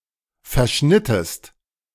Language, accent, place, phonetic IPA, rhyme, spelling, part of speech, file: German, Germany, Berlin, [fɛɐ̯ˈʃnɪtəst], -ɪtəst, verschnittest, verb, De-verschnittest.ogg
- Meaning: inflection of verschneiden: 1. second-person singular preterite 2. second-person singular subjunctive II